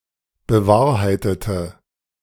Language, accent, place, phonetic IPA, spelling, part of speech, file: German, Germany, Berlin, [bəˈvaːɐ̯haɪ̯tətə], bewahrheitete, verb, De-bewahrheitete.ogg
- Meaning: inflection of bewahrheiten: 1. first/third-person singular preterite 2. first/third-person singular subjunctive II